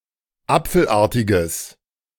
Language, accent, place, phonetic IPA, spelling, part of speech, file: German, Germany, Berlin, [ˈap͡fl̩ˌʔaːɐ̯tɪɡəs], apfelartiges, adjective, De-apfelartiges.ogg
- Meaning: strong/mixed nominative/accusative neuter singular of apfelartig